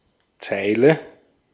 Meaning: line, row: 1. in a text or table 2. of certain other things, especially houses or building elements like windows, sometimes also stalls, parked cars, trees, etc
- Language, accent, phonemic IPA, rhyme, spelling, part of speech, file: German, Austria, /ˈt͡saɪ̯lə/, -aɪ̯lə, Zeile, noun, De-at-Zeile.ogg